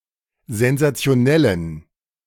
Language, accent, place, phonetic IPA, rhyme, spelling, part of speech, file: German, Germany, Berlin, [zɛnzat͡si̯oˈnɛlən], -ɛlən, sensationellen, adjective, De-sensationellen.ogg
- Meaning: inflection of sensationell: 1. strong genitive masculine/neuter singular 2. weak/mixed genitive/dative all-gender singular 3. strong/weak/mixed accusative masculine singular 4. strong dative plural